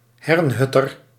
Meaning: Herrnhuter
- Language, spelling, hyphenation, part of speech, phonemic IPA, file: Dutch, hernhutter, hern‧hut‧ter, noun, /ˈɦɛrnˌɦʏ.tər/, Nl-hernhutter.ogg